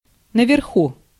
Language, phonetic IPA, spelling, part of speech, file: Russian, [nəvʲɪrˈxu], наверху, adverb, Ru-наверху.ogg
- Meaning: 1. above (in a higher place) 2. upstairs (located upstairs)